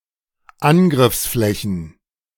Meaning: plural of Angriffsfläche
- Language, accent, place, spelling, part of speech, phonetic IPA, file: German, Germany, Berlin, Angriffsflächen, noun, [ˈanɡʁɪfsˌflɛçn̩], De-Angriffsflächen.ogg